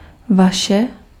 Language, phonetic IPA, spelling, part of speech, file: Czech, [ˈvaʃɛ], vaše, pronoun, Cs-vaše.ogg
- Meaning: inflection of váš (“yours”): 1. nominative feminine/neuter singular 2. accusative neuter singular 3. nominative inanimate masculine/neuter/feminine plural 4. accusative plural